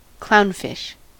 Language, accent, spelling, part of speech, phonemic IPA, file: English, US, clownfish, noun, /ˈklaʊnˌfɪʃ/, En-us-clownfish.ogg